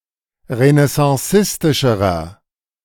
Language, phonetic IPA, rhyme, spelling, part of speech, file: German, [ʁənɛsɑ̃ˈsɪstɪʃəʁɐ], -ɪstɪʃəʁɐ, renaissancistischerer, adjective, De-renaissancistischerer.ogg